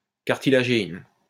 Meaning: cartilagein
- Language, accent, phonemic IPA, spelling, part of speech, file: French, France, /kaʁ.ti.la.ʒe.in/, cartilagéine, noun, LL-Q150 (fra)-cartilagéine.wav